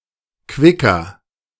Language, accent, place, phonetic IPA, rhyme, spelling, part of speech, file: German, Germany, Berlin, [ˈkvɪkɐ], -ɪkɐ, quicker, adjective, De-quicker.ogg
- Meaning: 1. comparative degree of quick 2. inflection of quick: strong/mixed nominative masculine singular 3. inflection of quick: strong genitive/dative feminine singular